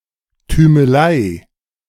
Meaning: chauvinism
- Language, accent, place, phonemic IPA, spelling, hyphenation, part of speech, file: German, Germany, Berlin, /tyːməˈlaɪ̯/, Tümelei, Tü‧me‧lei, noun, De-Tümelei.ogg